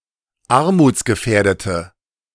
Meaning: inflection of armutsgefährdet: 1. strong/mixed nominative/accusative feminine singular 2. strong nominative/accusative plural 3. weak nominative all-gender singular
- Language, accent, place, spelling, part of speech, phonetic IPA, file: German, Germany, Berlin, armutsgefährdete, adjective, [ˈaʁmuːt͡sɡəˌfɛːɐ̯dətə], De-armutsgefährdete.ogg